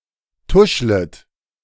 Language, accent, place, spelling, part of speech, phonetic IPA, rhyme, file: German, Germany, Berlin, tuschlet, verb, [ˈtʊʃlət], -ʊʃlət, De-tuschlet.ogg
- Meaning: second-person plural subjunctive I of tuscheln